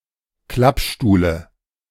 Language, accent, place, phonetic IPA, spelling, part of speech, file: German, Germany, Berlin, [ˈklapˌʃtuːlə], Klappstuhle, noun, De-Klappstuhle.ogg
- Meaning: dative singular of Klappstuhl